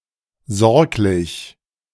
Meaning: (adjective) caring; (adverb) caringly
- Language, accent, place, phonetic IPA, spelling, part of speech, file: German, Germany, Berlin, [ˈzɔʁklɪç], sorglich, adjective, De-sorglich.ogg